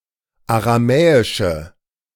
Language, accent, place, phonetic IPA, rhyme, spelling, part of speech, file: German, Germany, Berlin, [aʁaˈmɛːɪʃə], -ɛːɪʃə, aramäische, adjective, De-aramäische.ogg
- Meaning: inflection of aramäisch: 1. strong/mixed nominative/accusative feminine singular 2. strong nominative/accusative plural 3. weak nominative all-gender singular